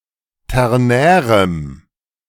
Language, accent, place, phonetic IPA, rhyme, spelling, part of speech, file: German, Germany, Berlin, [ˌtɛʁˈnɛːʁəm], -ɛːʁəm, ternärem, adjective, De-ternärem.ogg
- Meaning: strong dative masculine/neuter singular of ternär